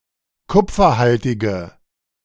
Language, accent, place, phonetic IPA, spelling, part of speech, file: German, Germany, Berlin, [ˈkʊp͡fɐˌhaltɪɡə], kupferhaltige, adjective, De-kupferhaltige.ogg
- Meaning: inflection of kupferhaltig: 1. strong/mixed nominative/accusative feminine singular 2. strong nominative/accusative plural 3. weak nominative all-gender singular